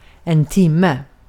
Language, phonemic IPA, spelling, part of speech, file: Swedish, /²tɪmɛ/, timme, noun, Sv-timme.ogg
- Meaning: 1. an hour (time period of sixty minutes) 2. an hour (of the day) 3. a lesson, a class (in school)